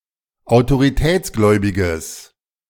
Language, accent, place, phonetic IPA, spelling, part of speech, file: German, Germany, Berlin, [aʊ̯toʁiˈtɛːt͡sˌɡlɔɪ̯bɪɡəs], autoritätsgläubiges, adjective, De-autoritätsgläubiges.ogg
- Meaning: strong/mixed nominative/accusative neuter singular of autoritätsgläubig